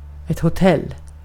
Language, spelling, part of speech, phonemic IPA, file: Swedish, hotell, noun, /hʊˈtɛlː/, Sv-hotell.ogg
- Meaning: a hotel